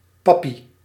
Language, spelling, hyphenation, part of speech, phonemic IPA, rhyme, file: Dutch, pappie, pap‧pie, noun, /ˈpɑ.pi/, -ɑpi, Nl-pappie.ogg
- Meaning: daddy, dad